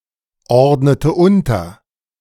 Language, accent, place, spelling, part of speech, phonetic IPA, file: German, Germany, Berlin, ordnete unter, verb, [ˌɔʁdnətə ˈʊntɐ], De-ordnete unter.ogg
- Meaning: inflection of unterordnen: 1. first/third-person singular preterite 2. first/third-person singular subjunctive II